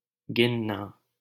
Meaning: to count
- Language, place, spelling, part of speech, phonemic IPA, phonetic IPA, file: Hindi, Delhi, गिनना, verb, /ɡɪn.nɑː/, [ɡɪ̃n.näː], LL-Q1568 (hin)-गिनना.wav